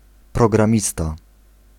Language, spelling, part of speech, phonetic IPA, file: Polish, programista, noun, [ˌprɔɡrãˈmʲista], Pl-programista.ogg